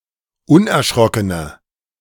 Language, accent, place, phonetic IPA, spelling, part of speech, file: German, Germany, Berlin, [ˈʊnʔɛɐ̯ˌʃʁɔkənə], unerschrockene, adjective, De-unerschrockene.ogg
- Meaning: inflection of unerschrocken: 1. strong/mixed nominative/accusative feminine singular 2. strong nominative/accusative plural 3. weak nominative all-gender singular